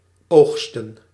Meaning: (verb) 1. to harvest (produce) 2. to acquire, to obtain, to reap; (noun) plural of oogst
- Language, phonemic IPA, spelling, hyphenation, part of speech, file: Dutch, /ˈoːx.stə(n)/, oogsten, oog‧sten, verb / noun, Nl-oogsten.ogg